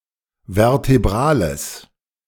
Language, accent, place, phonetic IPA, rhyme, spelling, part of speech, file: German, Germany, Berlin, [vɛʁteˈbʁaːləs], -aːləs, vertebrales, adjective, De-vertebrales.ogg
- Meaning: strong/mixed nominative/accusative neuter singular of vertebral